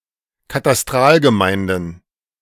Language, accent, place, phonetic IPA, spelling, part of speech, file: German, Germany, Berlin, [kataˈstʁaːlɡəˌmaɪ̯ndn̩], Katastralgemeinden, noun, De-Katastralgemeinden.ogg
- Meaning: plural of Katastralgemeinde